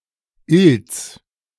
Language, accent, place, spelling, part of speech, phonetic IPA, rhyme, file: German, Germany, Berlin, Ilz, proper noun, [ɪlt͡s], -ɪlt͡s, De-Ilz.ogg
- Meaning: 1. a municipality of Styria, Austria 2. Ilz (a left tributary of the Danube, Bavaria, Germany)